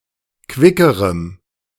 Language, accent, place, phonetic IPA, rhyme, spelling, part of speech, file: German, Germany, Berlin, [ˈkvɪkəʁəm], -ɪkəʁəm, quickerem, adjective, De-quickerem.ogg
- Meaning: strong dative masculine/neuter singular comparative degree of quick